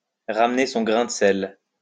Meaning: to put in one's two cents
- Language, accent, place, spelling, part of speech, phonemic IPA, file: French, France, Lyon, ramener son grain de sel, verb, /ʁam.ne sɔ̃ ɡʁɛ̃ d(ə) sɛl/, LL-Q150 (fra)-ramener son grain de sel.wav